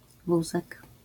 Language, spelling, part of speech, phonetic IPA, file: Polish, wózek, noun, [ˈvuzɛk], LL-Q809 (pol)-wózek.wav